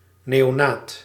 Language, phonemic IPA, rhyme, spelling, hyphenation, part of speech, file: Dutch, /ˌneː.oːˈnaːt/, -aːt, neonaat, neo‧naat, noun, Nl-neonaat.ogg
- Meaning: newborn